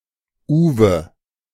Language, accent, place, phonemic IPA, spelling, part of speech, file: German, Germany, Berlin, /ˈuːvə/, Uwe, proper noun, De-Uwe.ogg
- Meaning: a male given name, popular from the 1930s to the 1970s